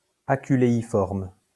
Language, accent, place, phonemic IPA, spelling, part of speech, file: French, France, Lyon, /a.ky.le.i.fɔʁm/, aculéiforme, adjective, LL-Q150 (fra)-aculéiforme.wav
- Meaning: aculeiform